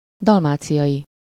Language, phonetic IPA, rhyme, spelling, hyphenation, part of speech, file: Hungarian, [ˈdɒlmaːt͡sijɒji], -ji, dalmáciai, dal‧má‧ci‧ai, adjective, Hu-dalmáciai.ogg
- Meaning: Dalmatian (relating to Dalmatia or people from Dalmatia)